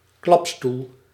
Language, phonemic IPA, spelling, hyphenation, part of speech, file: Dutch, /ˈklɑp.stul/, klapstoel, klap‧stoel, noun, Nl-klapstoel.ogg
- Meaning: folding chair, fold-up chair